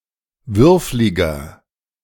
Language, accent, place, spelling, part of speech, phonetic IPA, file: German, Germany, Berlin, würfliger, adjective, [ˈvʏʁflɪɡɐ], De-würfliger.ogg
- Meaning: inflection of würflig: 1. strong/mixed nominative masculine singular 2. strong genitive/dative feminine singular 3. strong genitive plural